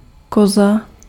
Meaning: 1. goat 2. tit (woman's breast) 3. sawhorse 4. time trial bicycle
- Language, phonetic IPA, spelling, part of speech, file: Czech, [ˈkoza], koza, noun, Cs-koza.ogg